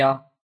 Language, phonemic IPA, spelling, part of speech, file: Albanian, /jɔ/, jo, determiner, Sq-jo.oga
- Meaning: negates non-verbal phrases: no, not